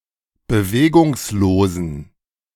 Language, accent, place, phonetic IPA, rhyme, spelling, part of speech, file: German, Germany, Berlin, [bəˈveːɡʊŋsloːzn̩], -eːɡʊŋsloːzn̩, bewegungslosen, adjective, De-bewegungslosen.ogg
- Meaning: inflection of bewegungslos: 1. strong genitive masculine/neuter singular 2. weak/mixed genitive/dative all-gender singular 3. strong/weak/mixed accusative masculine singular 4. strong dative plural